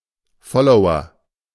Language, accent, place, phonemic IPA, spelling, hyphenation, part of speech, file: German, Germany, Berlin, /ˈfɔloʊɐ/, Follower, Fol‧lo‧w‧er, noun, De-Follower.ogg
- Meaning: follower